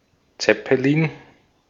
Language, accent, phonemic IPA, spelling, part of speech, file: German, Austria, /ˈt͡sɛpəliːn/, Zeppelin, noun, De-at-Zeppelin.ogg
- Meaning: 1. rigid airship, Zeppelin 2. any airship